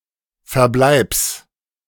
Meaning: genitive singular of Verbleib
- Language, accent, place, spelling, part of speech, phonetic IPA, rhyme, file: German, Germany, Berlin, Verbleibs, noun, [fɛɐ̯ˈblaɪ̯ps], -aɪ̯ps, De-Verbleibs.ogg